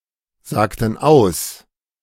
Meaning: inflection of aussagen: 1. first/third-person plural preterite 2. first/third-person plural subjunctive II
- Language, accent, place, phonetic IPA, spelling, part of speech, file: German, Germany, Berlin, [ˌzaːktn̩ ˈaʊ̯s], sagten aus, verb, De-sagten aus.ogg